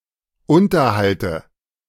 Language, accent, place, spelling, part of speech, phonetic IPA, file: German, Germany, Berlin, Unterhalte, noun, [ˈʊntɐhaltə], De-Unterhalte.ogg
- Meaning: dative of Unterhalt